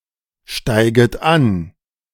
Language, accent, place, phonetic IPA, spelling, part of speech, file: German, Germany, Berlin, [ˌʃtaɪ̯ɡət ˈan], steiget an, verb, De-steiget an.ogg
- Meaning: second-person plural subjunctive I of ansteigen